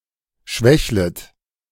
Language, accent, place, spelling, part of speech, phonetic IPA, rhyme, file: German, Germany, Berlin, schwächlet, verb, [ˈʃvɛçlət], -ɛçlət, De-schwächlet.ogg
- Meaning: second-person plural subjunctive I of schwächeln